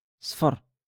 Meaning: yellow
- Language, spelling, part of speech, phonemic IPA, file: Moroccan Arabic, صفر, adjective, /sˤfar/, LL-Q56426 (ary)-صفر.wav